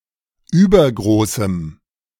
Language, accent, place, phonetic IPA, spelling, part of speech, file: German, Germany, Berlin, [ˈyːbɐɡʁoːsm̩], übergroßem, adjective, De-übergroßem.ogg
- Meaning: strong dative masculine/neuter singular of übergroß